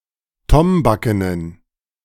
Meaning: inflection of tombaken: 1. strong genitive masculine/neuter singular 2. weak/mixed genitive/dative all-gender singular 3. strong/weak/mixed accusative masculine singular 4. strong dative plural
- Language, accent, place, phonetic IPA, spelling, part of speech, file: German, Germany, Berlin, [ˈtɔmbakənən], tombakenen, adjective, De-tombakenen.ogg